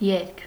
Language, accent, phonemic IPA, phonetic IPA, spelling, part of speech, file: Armenian, Eastern Armenian, /jeɾkʰ/, [jeɾkʰ], երգ, noun, Hy-երգ.ogg
- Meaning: song